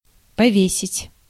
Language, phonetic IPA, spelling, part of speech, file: Russian, [pɐˈvʲesʲɪtʲ], повесить, verb, Ru-повесить.ogg
- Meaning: 1. to hang, to hang up 2. to hang (to execute by hanging)